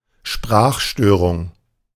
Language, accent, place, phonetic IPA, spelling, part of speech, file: German, Germany, Berlin, [ˈʃpʁaːxˌʃtøːʁʊŋ], Sprachstörung, noun, De-Sprachstörung.ogg
- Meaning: speech disorder